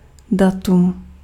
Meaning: date (point in time)
- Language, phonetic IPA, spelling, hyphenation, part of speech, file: Czech, [ˈdatum], datum, da‧tum, noun, Cs-datum.ogg